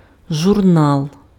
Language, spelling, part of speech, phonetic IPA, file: Ukrainian, журнал, noun, [ʒʊrˈnaɫ], Uk-журнал.ogg
- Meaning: 1. magazine, periodical, journal 2. diary 3. log, logbook